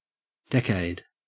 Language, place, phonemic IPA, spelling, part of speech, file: English, Queensland, /ˈdekæɪd/, decade, noun, En-au-decade.ogg
- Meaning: A group, set, or series of ten , particularly